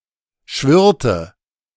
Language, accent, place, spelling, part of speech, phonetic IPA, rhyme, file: German, Germany, Berlin, schwirrte, verb, [ˈʃvɪʁtə], -ɪʁtə, De-schwirrte.ogg
- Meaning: inflection of schwirren: 1. first/third-person singular preterite 2. first/third-person singular subjunctive II